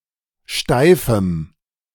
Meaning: strong dative masculine/neuter singular of steif
- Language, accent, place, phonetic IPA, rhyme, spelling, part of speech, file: German, Germany, Berlin, [ˈʃtaɪ̯fm̩], -aɪ̯fm̩, steifem, adjective, De-steifem.ogg